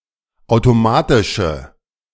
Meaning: inflection of automatisch: 1. strong/mixed nominative/accusative feminine singular 2. strong nominative/accusative plural 3. weak nominative all-gender singular
- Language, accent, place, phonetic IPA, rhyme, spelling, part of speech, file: German, Germany, Berlin, [ˌaʊ̯toˈmaːtɪʃə], -aːtɪʃə, automatische, adjective, De-automatische.ogg